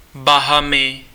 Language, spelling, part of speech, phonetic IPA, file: Czech, Bahamy, proper noun, [ˈbaɦamɪ], Cs-Bahamy.ogg
- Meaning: Bahamas (an archipelago and country in the Caribbean)